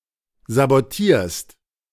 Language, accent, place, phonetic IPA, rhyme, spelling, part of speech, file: German, Germany, Berlin, [zaboˈtiːɐ̯st], -iːɐ̯st, sabotierst, verb, De-sabotierst.ogg
- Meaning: second-person singular present of sabotieren